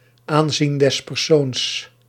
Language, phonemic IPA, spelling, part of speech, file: Dutch, /ˈaːn.zin dɛs pɛrˈsoːns/, aanzien des persoons, noun, Nl-aanzien des persoons.ogg
- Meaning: 1. discrimination, unfair judgment which depends on the individual person 2. personal status, those attributes that discriminate people from others